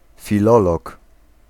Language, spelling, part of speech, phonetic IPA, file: Polish, filolog, noun, [fʲiˈlɔlɔk], Pl-filolog.ogg